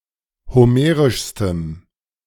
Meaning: strong dative masculine/neuter singular superlative degree of homerisch
- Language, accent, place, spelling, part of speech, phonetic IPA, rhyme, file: German, Germany, Berlin, homerischstem, adjective, [hoˈmeːʁɪʃstəm], -eːʁɪʃstəm, De-homerischstem.ogg